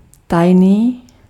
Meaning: secret
- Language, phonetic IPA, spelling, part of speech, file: Czech, [ˈtajniː], tajný, adjective, Cs-tajný.ogg